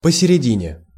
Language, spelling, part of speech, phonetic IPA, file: Russian, посередине, adverb / preposition, [pəsʲɪrʲɪˈdʲinʲe], Ru-посередине.ogg
- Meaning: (adverb) in the middle, halfway along; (preposition) in the middle